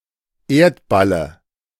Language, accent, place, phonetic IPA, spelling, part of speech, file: German, Germany, Berlin, [ˈeːɐ̯tbalə], Erdballe, noun, De-Erdballe.ogg
- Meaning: dative singular of Erdball